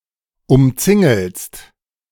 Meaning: second-person singular present of umzingeln
- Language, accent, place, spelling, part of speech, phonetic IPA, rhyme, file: German, Germany, Berlin, umzingelst, verb, [ʊmˈt͡sɪŋl̩st], -ɪŋl̩st, De-umzingelst.ogg